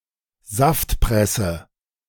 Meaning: juicer (device used for juicing)
- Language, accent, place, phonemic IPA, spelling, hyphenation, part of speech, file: German, Germany, Berlin, /ˈzaftˌpʁɛsə/, Saftpresse, Saft‧pres‧se, noun, De-Saftpresse.ogg